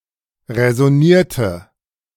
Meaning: inflection of räsonieren: 1. first/third-person singular preterite 2. first/third-person singular subjunctive II
- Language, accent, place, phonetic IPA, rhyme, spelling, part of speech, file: German, Germany, Berlin, [ʁɛzɔˈniːɐ̯tə], -iːɐ̯tə, räsonierte, verb, De-räsonierte.ogg